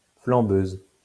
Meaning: female equivalent of flambeur
- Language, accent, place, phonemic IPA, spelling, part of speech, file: French, France, Lyon, /flɑ̃.bøz/, flambeuse, noun, LL-Q150 (fra)-flambeuse.wav